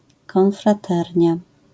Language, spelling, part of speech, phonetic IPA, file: Polish, konfraternia, noun, [ˌkɔ̃nfraˈtɛrʲɲa], LL-Q809 (pol)-konfraternia.wav